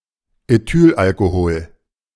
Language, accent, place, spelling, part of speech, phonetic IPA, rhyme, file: German, Germany, Berlin, Ethylalkohol, noun, [eˈtyːlʔalkoˌhoːl], -yːlʔalkohoːl, De-Ethylalkohol.ogg
- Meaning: ethyl alcohol (C₂H₅OH)